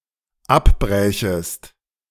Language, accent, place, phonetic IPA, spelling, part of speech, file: German, Germany, Berlin, [ˈapˌbʁɛːçəst], abbrächest, verb, De-abbrächest.ogg
- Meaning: second-person singular dependent subjunctive II of abbrechen